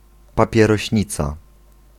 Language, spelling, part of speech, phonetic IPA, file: Polish, papierośnica, noun, [ˌpapʲjɛrɔɕˈɲit͡sa], Pl-papierośnica.ogg